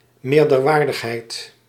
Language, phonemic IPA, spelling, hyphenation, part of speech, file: Dutch, /ˌmeːr.dərˈʋaːr.dəx.ɦɛi̯t/, meerderwaardigheid, meer‧der‧waar‧dig‧heid, noun, Nl-meerderwaardigheid.ogg
- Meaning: superiority